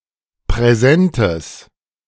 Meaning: strong/mixed nominative/accusative neuter singular of präsent
- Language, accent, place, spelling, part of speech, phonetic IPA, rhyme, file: German, Germany, Berlin, präsentes, adjective, [pʁɛˈzɛntəs], -ɛntəs, De-präsentes.ogg